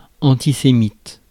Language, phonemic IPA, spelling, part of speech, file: French, /ɑ̃.ti.se.mit/, antisémite, adjective, Fr-antisémite.ogg
- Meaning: anti-Semitic